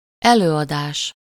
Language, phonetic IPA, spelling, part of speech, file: Hungarian, [ˈɛløːɒdaːʃ], előadás, noun, Hu-előadás.ogg
- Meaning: 1. performance (in theater) 2. lecture (a spoken lesson)